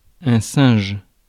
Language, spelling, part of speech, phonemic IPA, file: French, singe, noun, /sɛ̃ʒ/, Fr-singe.ogg
- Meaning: 1. monkey 2. ape 3. foolish or mischievous man 4. shrewd man 5. hierarchical superior 6. food